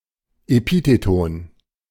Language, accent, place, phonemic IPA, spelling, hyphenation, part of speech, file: German, Germany, Berlin, /eˈpiːtetɔn/, Epitheton, Epi‧the‧ton, noun, De-Epitheton.ogg
- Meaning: epithet (word in the scientific name of a taxon following the name of the genus or species)